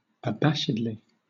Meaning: In an abashed manner
- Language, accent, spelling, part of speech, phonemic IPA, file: English, Southern England, abashedly, adverb, /əˈbæʃ.ɪd.li/, LL-Q1860 (eng)-abashedly.wav